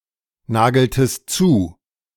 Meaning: inflection of nageln: 1. second-person plural preterite 2. second-person plural subjunctive II
- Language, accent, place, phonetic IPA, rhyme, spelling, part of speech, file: German, Germany, Berlin, [ˈnaːɡl̩tət], -aːɡl̩tət, nageltet, verb, De-nageltet.ogg